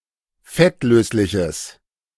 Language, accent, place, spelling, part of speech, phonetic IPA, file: German, Germany, Berlin, fettlösliches, adjective, [ˈfɛtˌløːslɪçəs], De-fettlösliches.ogg
- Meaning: strong/mixed nominative/accusative neuter singular of fettlöslich